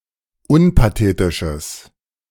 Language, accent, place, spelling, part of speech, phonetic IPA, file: German, Germany, Berlin, unpathetisches, adjective, [ˈʊnpaˌteːtɪʃəs], De-unpathetisches.ogg
- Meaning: strong/mixed nominative/accusative neuter singular of unpathetisch